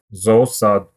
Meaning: zoo
- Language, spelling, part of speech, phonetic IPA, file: Russian, зоосад, noun, [zɐɐˈsat], Ru-зоосад.ogg